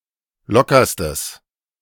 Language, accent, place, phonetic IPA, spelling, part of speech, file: German, Germany, Berlin, [ˈlɔkɐstəs], lockerstes, adjective, De-lockerstes.ogg
- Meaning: strong/mixed nominative/accusative neuter singular superlative degree of locker